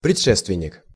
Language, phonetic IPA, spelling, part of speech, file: Russian, [prʲɪt͡ʂˈʂɛstvʲɪnʲ(ː)ɪk], предшественник, noun, Ru-предшественник.ogg
- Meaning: 1. predecessor, precursor, forerunner 2. progenitor 3. ancestor (an earlier type) 4. forebear 5. foregoer